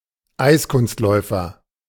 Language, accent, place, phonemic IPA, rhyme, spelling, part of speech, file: German, Germany, Berlin, /ˈʔai̯sˌkʊnstlɔɪ̯fɐ/, -ɔɪ̯fɐ, Eiskunstläufer, noun, De-Eiskunstläufer.ogg
- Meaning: figure skater